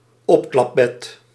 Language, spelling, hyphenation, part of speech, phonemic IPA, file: Dutch, opklapbed, op‧klap‧bed, noun, /ˈɔp.klɑpˌbɛt/, Nl-opklapbed.ogg
- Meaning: fold-up bed, Murphy bed